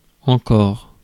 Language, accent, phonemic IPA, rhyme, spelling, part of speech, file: French, France, /ɑ̃.kɔʁ/, -ɔʁ, encore, adverb, Fr-encore.ogg
- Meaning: 1. still 2. more 3. again 4. (not) yet; (never) before 5. again (following a question)